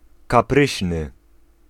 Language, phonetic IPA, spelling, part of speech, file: Polish, [kaˈprɨɕnɨ], kapryśny, adjective, Pl-kapryśny.ogg